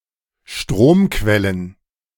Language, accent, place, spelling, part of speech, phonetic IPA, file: German, Germany, Berlin, Stromquellen, noun, [ˈʃtʁoːmˌkvɛlən], De-Stromquellen.ogg
- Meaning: plural of Stromquelle